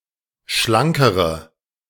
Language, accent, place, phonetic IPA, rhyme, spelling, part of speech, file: German, Germany, Berlin, [ˈʃlaŋkəʁə], -aŋkəʁə, schlankere, adjective, De-schlankere.ogg
- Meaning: inflection of schlank: 1. strong/mixed nominative/accusative feminine singular comparative degree 2. strong nominative/accusative plural comparative degree